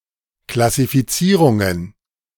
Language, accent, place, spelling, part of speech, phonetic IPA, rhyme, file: German, Germany, Berlin, Klassifizierungen, noun, [klasifiˈt͡siːʁʊŋən], -iːʁʊŋən, De-Klassifizierungen.ogg
- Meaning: plural of Klassifizierung